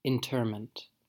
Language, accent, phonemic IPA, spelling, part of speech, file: English, US, /ɪnˈtɝmənt/, interment, noun, En-us-interment.ogg
- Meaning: The act of burying a dead body; burial